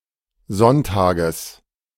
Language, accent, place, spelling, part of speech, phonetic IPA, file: German, Germany, Berlin, Sonntages, noun, [ˈzɔnˌtaːɡəs], De-Sonntages.ogg
- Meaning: genitive singular of Sonntag